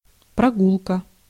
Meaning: 1. walk, outing (trip made by walking) 2. trip, ride, tour
- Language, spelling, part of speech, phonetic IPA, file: Russian, прогулка, noun, [prɐˈɡuɫkə], Ru-прогулка.ogg